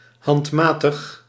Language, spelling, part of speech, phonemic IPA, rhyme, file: Dutch, handmatig, adjective / adverb, /ˌɦɑntˈmaː.təx/, -aːtəx, Nl-handmatig.ogg
- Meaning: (adjective) manual; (adverb) manually